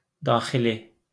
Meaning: internal
- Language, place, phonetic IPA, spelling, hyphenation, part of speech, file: Azerbaijani, Baku, [dɑːxiˈli], daxili, da‧xi‧li, adjective, LL-Q9292 (aze)-daxili.wav